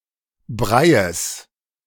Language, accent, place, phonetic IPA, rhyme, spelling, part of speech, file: German, Germany, Berlin, [ˈbʁaɪ̯əs], -aɪ̯əs, Breies, noun, De-Breies.ogg
- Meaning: genitive singular of Brei